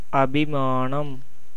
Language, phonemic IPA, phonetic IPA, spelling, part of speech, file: Tamil, /ɐbɪmɑːnɐm/, [ɐbɪmäːnɐm], அபிமானம், noun, Ta-அபிமானம்.ogg
- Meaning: 1. self-respect, sense of honor 2. love, affection 3. joy, enthusiasm 4. wisdom